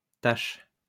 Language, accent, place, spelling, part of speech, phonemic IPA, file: French, France, Lyon, taches, noun, /taʃ/, LL-Q150 (fra)-taches.wav
- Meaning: plural of tache